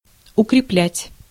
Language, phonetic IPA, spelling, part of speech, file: Russian, [ʊkrʲɪˈplʲætʲ], укреплять, verb, Ru-укреплять.ogg
- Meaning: 1. to strengthen 2. to consolidate 3. to fasten